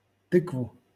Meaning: accusative singular of ты́ква (týkva)
- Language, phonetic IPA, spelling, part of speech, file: Russian, [ˈtɨkvʊ], тыкву, noun, LL-Q7737 (rus)-тыкву.wav